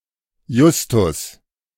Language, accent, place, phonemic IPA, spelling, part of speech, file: German, Germany, Berlin, /ˈjʊstʊs/, Justus, proper noun, De-Justus.ogg
- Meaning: a male given name